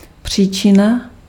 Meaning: cause (source of an event or action)
- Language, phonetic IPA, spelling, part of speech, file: Czech, [ˈpr̝̊iːt͡ʃɪna], příčina, noun, Cs-příčina.ogg